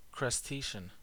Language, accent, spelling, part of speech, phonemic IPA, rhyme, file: English, US, crustacean, noun / adjective, /kɹʌsˈteɪʃən/, -eɪʃən, En-us-crustacean.ogg
- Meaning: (noun) Any arthropod of the subphylum Crustacea, including lobsters, crabs, shrimp, barnacles and woodlice